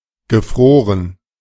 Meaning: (verb) 1. past participle of frieren 2. past participle of gefrieren; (adjective) frozen
- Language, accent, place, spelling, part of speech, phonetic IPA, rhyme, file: German, Germany, Berlin, gefroren, adjective / verb, [ɡəˈfʁoːʁən], -oːʁən, De-gefroren.ogg